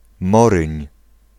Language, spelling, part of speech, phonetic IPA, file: Polish, Moryń, proper noun, [ˈmɔrɨ̃ɲ], Pl-Moryń.ogg